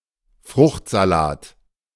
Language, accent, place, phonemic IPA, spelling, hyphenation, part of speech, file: German, Germany, Berlin, /ˈfʁʊxtzaˌlaːt/, Fruchtsalat, Frucht‧sa‧lat, noun, De-Fruchtsalat.ogg
- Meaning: fruit salad